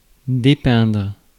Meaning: 1. to depict, portray 2. to depaint (remove paint)
- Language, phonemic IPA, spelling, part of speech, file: French, /de.pɛ̃dʁ/, dépeindre, verb, Fr-dépeindre.ogg